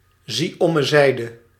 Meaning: PTO (please turn over)
- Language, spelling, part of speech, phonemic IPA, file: Dutch, z.o.z., interjection, /ˌzɛtoˈzɛt/, Nl-z.o.z..ogg